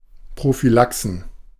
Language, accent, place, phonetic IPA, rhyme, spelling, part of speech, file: German, Germany, Berlin, [pʁofyˈlaksn̩], -aksn̩, Prophylaxen, noun, De-Prophylaxen.ogg
- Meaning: plural of Prophylaxe